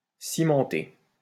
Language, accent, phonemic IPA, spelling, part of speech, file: French, France, /si.mɑ̃.te/, cimenter, verb, LL-Q150 (fra)-cimenter.wav
- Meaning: 1. to cement 2. to confirm